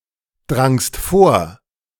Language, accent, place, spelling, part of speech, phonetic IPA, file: German, Germany, Berlin, drangst vor, verb, [ˌdʁaŋst ˈfoːɐ̯], De-drangst vor.ogg
- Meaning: second-person singular preterite of vordringen